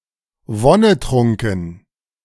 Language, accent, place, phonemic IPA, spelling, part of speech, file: German, Germany, Berlin, /ˈvɔnəˌtʁʊŋkən/, wonnetrunken, adjective, De-wonnetrunken.ogg
- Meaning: enraptured, blissful